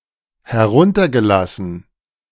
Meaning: past participle of herunterlassen
- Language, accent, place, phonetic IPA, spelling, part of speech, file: German, Germany, Berlin, [hɛˈʁʊntɐɡəˌlasn̩], heruntergelassen, verb, De-heruntergelassen.ogg